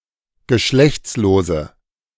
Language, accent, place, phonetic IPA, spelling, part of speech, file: German, Germany, Berlin, [ɡəˈʃlɛçt͡sloːzə], geschlechtslose, adjective, De-geschlechtslose.ogg
- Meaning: inflection of geschlechtslos: 1. strong/mixed nominative/accusative feminine singular 2. strong nominative/accusative plural 3. weak nominative all-gender singular